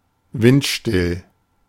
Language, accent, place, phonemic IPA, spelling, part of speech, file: German, Germany, Berlin, /ˈvɪntˌʃtɪl/, windstill, adjective, De-windstill.ogg
- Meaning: windless, calm